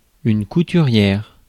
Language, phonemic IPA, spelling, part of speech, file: French, /ku.ty.ʁjɛʁ/, couturière, noun, Fr-couturière.ogg
- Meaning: 1. dressmaker 2. tailor